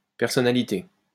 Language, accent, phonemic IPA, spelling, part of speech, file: French, France, /pɛʁ.sɔ.na.li.te/, personnalité, noun, LL-Q150 (fra)-personnalité.wav
- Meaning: 1. personality, character (set of non-physical psychological and social qualities that make one person distinct from another) 2. personality (celebrity, especially one with a strong media presence)